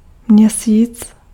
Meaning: 1. moon 2. month
- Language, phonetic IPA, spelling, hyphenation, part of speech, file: Czech, [ˈmɲɛsiːt͡s], měsíc, mě‧síc, noun, Cs-měsíc.ogg